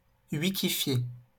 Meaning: to wikify
- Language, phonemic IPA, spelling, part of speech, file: French, /wi.ki.fje/, wikifier, verb, LL-Q150 (fra)-wikifier.wav